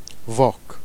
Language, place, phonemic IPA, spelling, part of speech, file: Jèrriais, Jersey, /vak/, vaque, noun, Jer-Vaque.ogg
- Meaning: cow